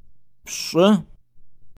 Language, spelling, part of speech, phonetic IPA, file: Kabardian, пщӏы, numeral, [pɕʼə], Pshaa.ogg
- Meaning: ten